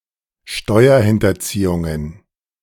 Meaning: plural of Steuerhinterziehung
- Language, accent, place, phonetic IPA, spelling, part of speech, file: German, Germany, Berlin, [ˈʃtɔɪ̯ɐhɪntɐˌt͡siːʊŋən], Steuerhinterziehungen, noun, De-Steuerhinterziehungen.ogg